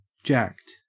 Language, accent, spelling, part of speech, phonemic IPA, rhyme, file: English, Australia, jacked, adjective / verb, /d͡ʒækt/, -ækt, En-au-jacked.ogg
- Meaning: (adjective) 1. High on drugs or stimulants 2. Broken; imperfect 3. Strong and/or muscled; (verb) simple past and past participle of jack